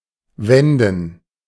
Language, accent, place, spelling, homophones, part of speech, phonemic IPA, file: German, Germany, Berlin, wenden, Wänden, verb, /ˈvɛndən/, De-wenden.ogg
- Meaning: 1. to turn something so as to cook or roast it from both sides 2. to turn something (in general) 3. to avert; to curb 4. to make a u-turn; to turn around one’s car or vehicle 5. to turn around